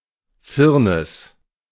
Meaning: 1. varnish (clear, hardening protective layer, typically from linseed oil, especially applied to paintings) 2. A metaphorical shallow layer meant to cover up disagreeable qualities
- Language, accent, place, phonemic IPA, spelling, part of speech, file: German, Germany, Berlin, /ˈfɪʁnɪs/, Firnis, noun, De-Firnis.ogg